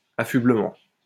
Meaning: attire; apparel
- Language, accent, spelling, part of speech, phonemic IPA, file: French, France, affublement, noun, /a.fy.blə.mɑ̃/, LL-Q150 (fra)-affublement.wav